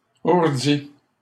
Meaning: past participle of ourdir
- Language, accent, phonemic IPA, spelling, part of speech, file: French, Canada, /uʁ.di/, ourdi, verb, LL-Q150 (fra)-ourdi.wav